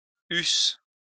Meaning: first-person singular imperfect subjunctive of avoir
- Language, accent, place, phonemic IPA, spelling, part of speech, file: French, France, Lyon, /ys/, eusse, verb, LL-Q150 (fra)-eusse.wav